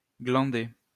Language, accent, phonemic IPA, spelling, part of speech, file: French, France, /ɡlɑ̃.de/, glander, verb, LL-Q150 (fra)-glander.wav
- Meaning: 1. to do 2. to loaf around, to bum around, to cabbage